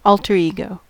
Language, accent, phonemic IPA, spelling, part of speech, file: English, US, /ˈɔl.tɚ iɡoʊ/, alter ego, noun, En-us-alter ego.ogg
- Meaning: 1. An individual's alternate personality or persona; another self 2. A very close and intimate friend